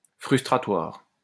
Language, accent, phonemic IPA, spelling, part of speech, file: French, France, /fʁys.tʁa.twaʁ/, frustratoire, adjective, LL-Q150 (fra)-frustratoire.wav
- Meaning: vexatious